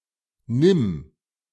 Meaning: 1. singular imperative of nehmen 2. first-person singular present of nehmen
- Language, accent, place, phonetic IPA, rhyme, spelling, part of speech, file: German, Germany, Berlin, [nɪm], -ɪm, nimm, verb, De-nimm.ogg